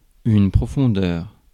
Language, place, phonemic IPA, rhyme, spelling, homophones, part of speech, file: French, Paris, /pʁɔ.fɔ̃.dœʁ/, -œʁ, profondeur, profondeurs, noun, Fr-profondeur.ogg
- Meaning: depth